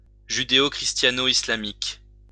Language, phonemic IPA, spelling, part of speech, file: French, /i.sla.mik/, islamiques, adjective, LL-Q150 (fra)-islamiques.wav
- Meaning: plural of islamique